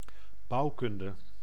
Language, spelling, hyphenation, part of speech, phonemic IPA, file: Dutch, bouwkunde, bouw‧kun‧de, noun, /ˈbɑu̯ˌkʏn.də/, Nl-bouwkunde.ogg
- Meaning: architectural engineering